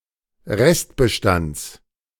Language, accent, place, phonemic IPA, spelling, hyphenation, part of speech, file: German, Germany, Berlin, /ˈʁɛstbəˌʃtants/, Restbestands, Rest‧be‧stands, noun, De-Restbestands.ogg
- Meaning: genitive of Restbestand